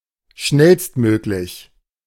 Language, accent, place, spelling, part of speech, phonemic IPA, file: German, Germany, Berlin, schnellstmöglich, adjective, /ˈʃnɛlstˌmøːklɪç/, De-schnellstmöglich.ogg
- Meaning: as soon as possible